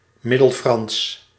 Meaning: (proper noun) Middle French
- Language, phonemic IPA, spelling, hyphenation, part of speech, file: Dutch, /ˌmɪ.dəlˈfrɑns/, Middelfrans, Mid‧del‧frans, proper noun / adjective, Nl-Middelfrans.ogg